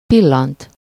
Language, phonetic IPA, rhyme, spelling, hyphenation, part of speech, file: Hungarian, [ˈpilːɒnt], -ɒnt, pillant, pil‧lant, verb, Hu-pillant.ogg
- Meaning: to glance (at something -ra/-re)